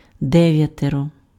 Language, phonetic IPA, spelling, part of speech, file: Ukrainian, [ˈdɛʋjɐterɔ], дев'ятеро, determiner, Uk-дев'ятеро.ogg
- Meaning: nine